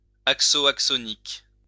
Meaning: axonic
- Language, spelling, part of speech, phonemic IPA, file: French, axonique, adjective, /ak.sɔ.nik/, LL-Q150 (fra)-axonique.wav